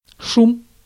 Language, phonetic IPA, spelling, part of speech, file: Russian, [ʂum], шум, noun, Ru-шум.ogg
- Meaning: 1. noise, radio static 2. sound, murmur 3. uproar, din, blare, clamour, hubbub 4. whirr 5. sensation, stir, bustle